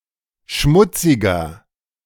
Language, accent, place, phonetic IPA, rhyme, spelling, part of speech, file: German, Germany, Berlin, [ˈʃmʊt͡sɪɡɐ], -ʊt͡sɪɡɐ, schmutziger, adjective, De-schmutziger.ogg
- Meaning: 1. comparative degree of schmutzig 2. inflection of schmutzig: strong/mixed nominative masculine singular 3. inflection of schmutzig: strong genitive/dative feminine singular